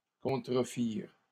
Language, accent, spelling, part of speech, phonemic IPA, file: French, Canada, contrefirent, verb, /kɔ̃.tʁə.fiʁ/, LL-Q150 (fra)-contrefirent.wav
- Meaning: third-person plural past historic of contrefaire